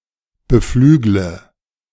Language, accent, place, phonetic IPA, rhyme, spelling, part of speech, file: German, Germany, Berlin, [bəˈflyːɡlə], -yːɡlə, beflügle, verb, De-beflügle.ogg
- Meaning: inflection of beflügeln: 1. first-person singular present 2. first/third-person singular subjunctive I 3. singular imperative